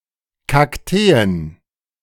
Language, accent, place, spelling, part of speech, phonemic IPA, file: German, Germany, Berlin, Kakteen, noun, /kakˈteːən/, De-Kakteen.ogg
- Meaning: plural of Kaktus